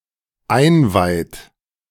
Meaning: inflection of einweihen: 1. third-person singular dependent present 2. second-person plural dependent present
- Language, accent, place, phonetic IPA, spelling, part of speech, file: German, Germany, Berlin, [ˈaɪ̯nˌvaɪ̯t], einweiht, verb, De-einweiht.ogg